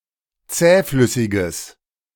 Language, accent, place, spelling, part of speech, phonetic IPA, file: German, Germany, Berlin, zähflüssiges, adjective, [ˈt͡sɛːˌflʏsɪɡəs], De-zähflüssiges.ogg
- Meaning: strong/mixed nominative/accusative neuter singular of zähflüssig